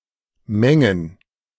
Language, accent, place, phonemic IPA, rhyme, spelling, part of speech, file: German, Germany, Berlin, /ˈmɛŋən/, -ɛŋən, Mengen, proper noun / noun, De-Mengen.ogg
- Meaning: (proper noun) a town in Baden-Württemberg, Germany; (noun) plural of Menge